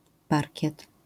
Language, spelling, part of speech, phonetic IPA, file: Polish, parkiet, noun, [ˈparʲcɛt], LL-Q809 (pol)-parkiet.wav